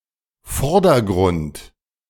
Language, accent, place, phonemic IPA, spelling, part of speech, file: German, Germany, Berlin, /ˈfɔʁdɐˌɡʁʊnt/, Vordergrund, noun, De-Vordergrund.ogg
- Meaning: foreground